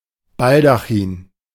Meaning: canopy, dais, baldaquin (ornamental roof over an altar, throne, bed etc.)
- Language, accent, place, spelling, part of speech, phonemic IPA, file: German, Germany, Berlin, Baldachin, noun, /ˈbaldaˌxiːn/, De-Baldachin.ogg